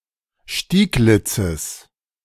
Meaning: genitive of Stieglitz
- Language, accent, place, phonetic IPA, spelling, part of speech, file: German, Germany, Berlin, [ˈʃtiːˌɡlɪt͡səs], Stieglitzes, noun, De-Stieglitzes.ogg